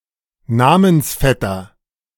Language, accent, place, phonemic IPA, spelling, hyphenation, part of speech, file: German, Germany, Berlin, /ˈnaːmənsˌfɛtɐ/, Namensvetter, Na‧mens‧vet‧ter, noun, De-Namensvetter.ogg
- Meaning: namesake (person having the same name as another; male or unspecified sex)